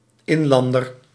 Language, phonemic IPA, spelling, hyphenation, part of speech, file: Dutch, /ˈɪnˌlɑn.dər/, inlander, in‧lan‧der, noun, Nl-inlander.ogg
- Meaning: a native, a member of the native population, particularly in the context of colonialism